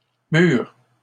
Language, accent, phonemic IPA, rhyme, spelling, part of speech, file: French, Canada, /myʁ/, -yʁ, murs, noun / adjective, LL-Q150 (fra)-murs.wav
- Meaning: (noun) plural of mur; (adjective) post-1990 spelling of mûrs